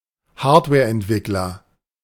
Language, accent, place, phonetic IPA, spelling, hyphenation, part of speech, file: German, Germany, Berlin, [ˈhaːɐ̯tvɛːɐ̯ʔɛntˌvɪkləʁɪn], Hardwareentwickler, Hard‧ware‧ent‧wick‧ler, noun, De-Hardwareentwickler.ogg
- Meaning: hardware developer